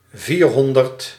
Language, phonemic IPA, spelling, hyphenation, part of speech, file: Dutch, /ˈviːrˌɦɔn.dərt/, vierhonderd, vier‧hon‧derd, numeral, Nl-vierhonderd.ogg
- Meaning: four hundred